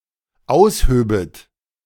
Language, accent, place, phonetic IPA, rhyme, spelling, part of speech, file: German, Germany, Berlin, [ˈaʊ̯sˌhøːbət], -aʊ̯shøːbət, aushöbet, verb, De-aushöbet.ogg
- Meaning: second-person plural dependent subjunctive II of ausheben